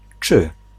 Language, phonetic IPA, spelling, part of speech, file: Polish, [t͡ʃɨ], czy, particle / conjunction, Pl-czy.ogg